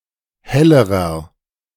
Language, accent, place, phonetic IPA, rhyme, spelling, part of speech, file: German, Germany, Berlin, [ˈhɛləʁɐ], -ɛləʁɐ, hellerer, adjective, De-hellerer.ogg
- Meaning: inflection of helle: 1. strong/mixed nominative masculine singular comparative degree 2. strong genitive/dative feminine singular comparative degree 3. strong genitive plural comparative degree